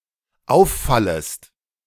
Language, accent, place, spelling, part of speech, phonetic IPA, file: German, Germany, Berlin, auffallest, verb, [ˈaʊ̯fˌfaləst], De-auffallest.ogg
- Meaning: second-person singular dependent subjunctive I of auffallen